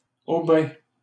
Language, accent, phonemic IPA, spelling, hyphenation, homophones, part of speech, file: French, Canada, /o.bɛ̃/, aubain, au‧bain, aubin, noun / adjective, LL-Q150 (fra)-aubain.wav
- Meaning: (noun) 1. a foreigner who was not naturalised, and who had few rights 2. a foreigner or alien; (adjective) white